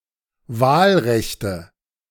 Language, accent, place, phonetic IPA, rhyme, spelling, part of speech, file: German, Germany, Berlin, [ˈvaːlˌʁɛçtə], -aːlʁɛçtə, Wahlrechte, noun, De-Wahlrechte.ogg
- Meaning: nominative/accusative/genitive plural of Wahlrecht